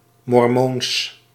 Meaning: Mormon (adherent of Mormonism)
- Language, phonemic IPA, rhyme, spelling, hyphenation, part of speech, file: Dutch, /mɔrˈmoːns/, -oːns, mormoons, mor‧moons, adjective, Nl-mormoons.ogg